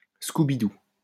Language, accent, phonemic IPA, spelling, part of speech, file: French, France, /sku.bi.du/, scoubidou, noun, LL-Q150 (fra)-scoubidou.wav
- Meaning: scoubidou